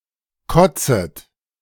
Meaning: second-person plural subjunctive I of kotzen
- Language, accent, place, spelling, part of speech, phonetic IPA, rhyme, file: German, Germany, Berlin, kotzet, verb, [ˈkɔt͡sət], -ɔt͡sət, De-kotzet.ogg